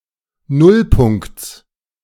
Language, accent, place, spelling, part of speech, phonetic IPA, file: German, Germany, Berlin, Nullpunkts, noun, [ˈnʊlˌpʊŋkt͡s], De-Nullpunkts.ogg
- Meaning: genitive singular of Nullpunkt